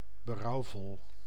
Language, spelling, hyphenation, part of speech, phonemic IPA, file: Dutch, berouwvol, be‧rouw‧vol, adjective, /bəˈrɑu̯ˌvɔl/, Nl-berouwvol.ogg
- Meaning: regretful, repentant